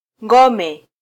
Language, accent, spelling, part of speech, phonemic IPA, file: Swahili, Kenya, ngome, noun, /ˈᵑɡɔ.mɛ/, Sw-ke-ngome.flac
- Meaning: 1. a fortress (fortified place) 2. rook